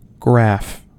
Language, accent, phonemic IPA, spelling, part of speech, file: English, US, /ɡɹæf/, graph, noun / verb, En-us-graph.ogg